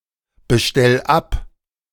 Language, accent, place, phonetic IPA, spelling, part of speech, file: German, Germany, Berlin, [bəˌʃtɛl ˈap], bestell ab, verb, De-bestell ab.ogg
- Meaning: 1. singular imperative of abbestellen 2. first-person singular present of abbestellen